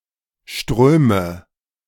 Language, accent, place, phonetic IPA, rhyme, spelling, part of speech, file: German, Germany, Berlin, [ˈʃtʁøːmə], -øːmə, ströme, verb, De-ströme.ogg
- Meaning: inflection of strömen: 1. first-person singular present 2. first/third-person singular subjunctive I 3. singular imperative